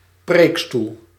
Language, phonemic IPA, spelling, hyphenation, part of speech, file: Dutch, /ˈpreːk.stul/, preekstoel, preek‧stoel, noun, Nl-preekstoel.ogg
- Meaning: 1. pulpit 2. pulpit, railing at the bow of a boat